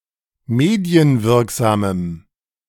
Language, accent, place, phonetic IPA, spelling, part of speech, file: German, Germany, Berlin, [ˈmeːdi̯ənˌvɪʁkzaːməm], medienwirksamem, adjective, De-medienwirksamem.ogg
- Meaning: strong dative masculine/neuter singular of medienwirksam